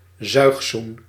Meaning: hickey, love bite
- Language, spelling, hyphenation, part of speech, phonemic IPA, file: Dutch, zuigzoen, zuig‧zoen, noun, /ˈzœy̯x.sun/, Nl-zuigzoen.ogg